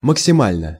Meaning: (adverb) at most, at the most; as much as possible; to the maximum; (adjective) short neuter singular of максима́льный (maksimálʹnyj)
- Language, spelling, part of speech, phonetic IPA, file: Russian, максимально, adverb / adjective, [məksʲɪˈmalʲnə], Ru-максимально.ogg